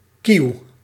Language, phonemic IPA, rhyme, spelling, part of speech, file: Dutch, /kiu̯/, -iu̯, kieuw, noun, Nl-kieuw.ogg
- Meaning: gill